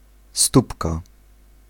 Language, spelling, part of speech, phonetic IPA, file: Polish, stópka, noun, [ˈstupka], Pl-stópka.ogg